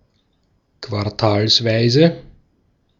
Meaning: quarterly
- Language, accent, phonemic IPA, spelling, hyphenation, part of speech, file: German, Austria, /kvaʁˈtaːlsˌvaɪ̯zə/, quartalsweise, quar‧tals‧wei‧se, adjective, De-at-quartalsweise.ogg